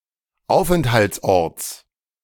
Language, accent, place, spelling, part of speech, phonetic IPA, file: German, Germany, Berlin, Aufenthaltsorts, noun, [ˈaʊ̯fʔɛnthalt͡sˌʔɔʁt͡s], De-Aufenthaltsorts.ogg
- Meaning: genitive singular of Aufenthaltsort